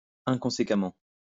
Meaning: inconsistently
- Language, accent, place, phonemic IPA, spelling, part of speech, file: French, France, Lyon, /ɛ̃.kɔ̃.se.ka.mɑ̃/, inconséquemment, adverb, LL-Q150 (fra)-inconséquemment.wav